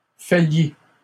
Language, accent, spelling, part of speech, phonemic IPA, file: French, Canada, faillis, verb, /fa.ji/, LL-Q150 (fra)-faillis.wav
- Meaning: inflection of faillir: 1. first/second-person singular present indicative 2. first/second-person singular past historic 3. second-person singular imperative